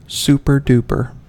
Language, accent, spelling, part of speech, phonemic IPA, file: English, US, super-duper, adjective / adverb, /ˈsu.pɚˌdu.pɚ/, En-us-super-duper.ogg
- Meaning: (adjective) 1. Very excellent; truly great 2. Major, total, thorough; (adverb) Very; extremely